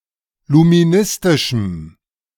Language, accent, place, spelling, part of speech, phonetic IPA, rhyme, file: German, Germany, Berlin, luministischem, adjective, [lumiˈnɪstɪʃm̩], -ɪstɪʃm̩, De-luministischem.ogg
- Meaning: strong dative masculine/neuter singular of luministisch